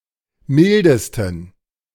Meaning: 1. superlative degree of mild 2. inflection of mild: strong genitive masculine/neuter singular superlative degree
- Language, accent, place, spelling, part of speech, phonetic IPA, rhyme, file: German, Germany, Berlin, mildesten, adjective, [ˈmɪldəstn̩], -ɪldəstn̩, De-mildesten.ogg